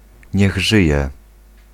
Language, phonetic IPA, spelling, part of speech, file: Polish, [ˈɲɛγ ˈʒɨjɛ], niech żyje, interjection, Pl-niech żyje.ogg